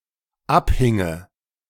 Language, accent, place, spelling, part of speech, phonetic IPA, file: German, Germany, Berlin, abhinge, verb, [ˈapˌhɪŋə], De-abhinge.ogg
- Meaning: first/third-person singular dependent subjunctive II of abhängen